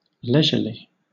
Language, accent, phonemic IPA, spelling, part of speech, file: English, Southern England, /ˈlɛʒəli/, leisurely, adjective / adverb, LL-Q1860 (eng)-leisurely.wav
- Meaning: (adjective) Characterized by leisure; taking plenty of time; unhurried; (adverb) In a leisurely manner